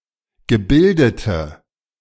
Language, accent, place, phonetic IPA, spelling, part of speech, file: German, Germany, Berlin, [ɡəˈbɪldətə], gebildete, adjective, De-gebildete.ogg
- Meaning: inflection of gebildet: 1. strong/mixed nominative/accusative feminine singular 2. strong nominative/accusative plural 3. weak nominative all-gender singular